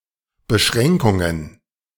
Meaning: plural of Beschränkung
- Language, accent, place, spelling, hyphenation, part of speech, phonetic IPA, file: German, Germany, Berlin, Beschränkungen, Be‧schrän‧kun‧gen, noun, [bəˈʃʀɛŋkʊŋən], De-Beschränkungen.ogg